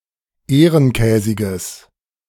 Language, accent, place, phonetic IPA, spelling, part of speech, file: German, Germany, Berlin, [ˈeːʁənˌkɛːzɪɡəs], ehrenkäsiges, adjective, De-ehrenkäsiges.ogg
- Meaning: strong/mixed nominative/accusative neuter singular of ehrenkäsig